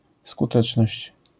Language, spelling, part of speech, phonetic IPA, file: Polish, skuteczność, noun, [skuˈtɛt͡ʃnɔɕt͡ɕ], LL-Q809 (pol)-skuteczność.wav